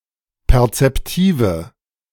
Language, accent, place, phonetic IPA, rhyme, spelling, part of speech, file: German, Germany, Berlin, [pɛʁt͡sɛpˈtiːvə], -iːvə, perzeptive, adjective, De-perzeptive.ogg
- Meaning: inflection of perzeptiv: 1. strong/mixed nominative/accusative feminine singular 2. strong nominative/accusative plural 3. weak nominative all-gender singular